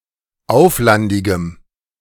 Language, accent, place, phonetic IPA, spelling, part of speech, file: German, Germany, Berlin, [ˈaʊ̯flandɪɡəm], auflandigem, adjective, De-auflandigem.ogg
- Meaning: strong dative masculine/neuter singular of auflandig